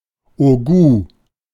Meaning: haut gout; infamy
- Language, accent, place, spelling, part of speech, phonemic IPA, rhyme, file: German, Germany, Berlin, Hautgout, noun, /oˈɡuː/, -uː, De-Hautgout.ogg